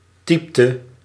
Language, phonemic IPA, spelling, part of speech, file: Dutch, /ˈtɛɪ̯p.tə/, typte, verb, Nl-typte.ogg
- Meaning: inflection of typen: 1. singular past indicative 2. singular past subjunctive